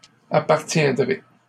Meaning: second-person plural future of appartenir
- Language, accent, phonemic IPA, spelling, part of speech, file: French, Canada, /a.paʁ.tjɛ̃.dʁe/, appartiendrez, verb, LL-Q150 (fra)-appartiendrez.wav